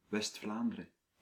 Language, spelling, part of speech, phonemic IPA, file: Dutch, West-Vlaanderen, proper noun, /ʋɛs(t).ˈflaːn.də.rə(n)/, Nl-West-Vlaanderen.ogg
- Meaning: West Flanders (a province of Belgium)